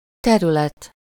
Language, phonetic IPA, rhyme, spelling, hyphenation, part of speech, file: Hungarian, [ˈtɛrylɛt], -ɛt, terület, te‧rü‧let, noun, Hu-terület.ogg
- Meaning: 1. area (e.g. a neighborhood) 2. area (the measure of how big something is in two dimensions) 3. field (a part of a science)